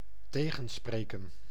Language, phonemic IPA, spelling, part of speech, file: Dutch, /ˈteɣə(n)ˌsprekə(n)/, tegenspreken, verb, Nl-tegenspreken.ogg
- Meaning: 1. to talk back, to sass 2. to contradict